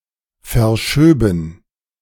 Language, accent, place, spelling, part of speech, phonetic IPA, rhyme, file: German, Germany, Berlin, verschöben, verb, [fɛɐ̯ˈʃøːbn̩], -øːbn̩, De-verschöben.ogg
- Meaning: first/third-person plural subjunctive II of verschieben